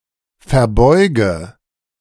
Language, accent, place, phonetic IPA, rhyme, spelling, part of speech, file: German, Germany, Berlin, [fɛɐ̯ˈbɔɪ̯ɡə], -ɔɪ̯ɡə, verbeuge, verb, De-verbeuge.ogg
- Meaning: inflection of verbeugen: 1. first-person singular present 2. singular imperative 3. first/third-person singular subjunctive I